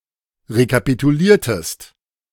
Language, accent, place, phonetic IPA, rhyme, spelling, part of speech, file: German, Germany, Berlin, [ʁekapituˈliːɐ̯təst], -iːɐ̯təst, rekapituliertest, verb, De-rekapituliertest.ogg
- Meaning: inflection of rekapitulieren: 1. second-person singular preterite 2. second-person singular subjunctive II